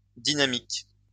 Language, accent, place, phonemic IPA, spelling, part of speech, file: French, France, Lyon, /di.na.mik/, dynamiques, adjective, LL-Q150 (fra)-dynamiques.wav
- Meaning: plural of dynamique